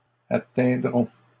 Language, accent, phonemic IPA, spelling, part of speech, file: French, Canada, /a.tɛ̃.dʁɔ̃/, atteindront, verb, LL-Q150 (fra)-atteindront.wav
- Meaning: third-person plural future of atteindre